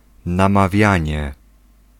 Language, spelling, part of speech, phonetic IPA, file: Polish, namawianie, noun, [ˌnãmaˈvʲjä̃ɲɛ], Pl-namawianie.ogg